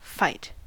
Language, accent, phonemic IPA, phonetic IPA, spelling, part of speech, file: English, General American, /fəɪt/, [fəɪʔ], fight, verb, En-us-fight.ogg
- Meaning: Senses relating to physical conflict: 1. To engage in combat with; to oppose physically, to contest with 2. To conduct or engage in (battle, warfare, a cause, etc.)